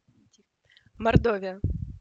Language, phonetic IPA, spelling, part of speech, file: Russian, [mɐrˈdovʲɪjə], Мордовия, proper noun, Ru-Мордовия.ogg
- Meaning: Mordovia (a republic and federal subject of southwestern Russia)